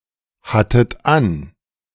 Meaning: second-person plural preterite of anhaben
- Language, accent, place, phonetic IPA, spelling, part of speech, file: German, Germany, Berlin, [ˌhatət ˈan], hattet an, verb, De-hattet an.ogg